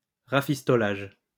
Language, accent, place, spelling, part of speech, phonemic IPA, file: French, France, Lyon, rafistolage, noun, /ʁa.fis.tɔ.laʒ/, LL-Q150 (fra)-rafistolage.wav
- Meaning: bodge, patching up (makeshift repair)